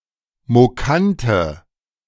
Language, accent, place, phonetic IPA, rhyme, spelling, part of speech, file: German, Germany, Berlin, [moˈkantə], -antə, mokante, adjective, De-mokante.ogg
- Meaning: inflection of mokant: 1. strong/mixed nominative/accusative feminine singular 2. strong nominative/accusative plural 3. weak nominative all-gender singular 4. weak accusative feminine/neuter singular